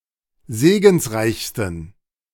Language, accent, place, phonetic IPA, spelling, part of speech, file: German, Germany, Berlin, [ˈzeːɡn̩sˌʁaɪ̯çstn̩], segensreichsten, adjective, De-segensreichsten.ogg
- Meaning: 1. superlative degree of segensreich 2. inflection of segensreich: strong genitive masculine/neuter singular superlative degree